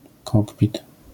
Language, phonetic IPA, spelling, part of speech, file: Polish, [ˈkɔkpʲit], kokpit, noun, LL-Q809 (pol)-kokpit.wav